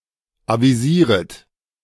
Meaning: second-person plural subjunctive I of avisieren
- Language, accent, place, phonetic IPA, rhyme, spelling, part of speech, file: German, Germany, Berlin, [ˌaviˈziːʁət], -iːʁət, avisieret, verb, De-avisieret.ogg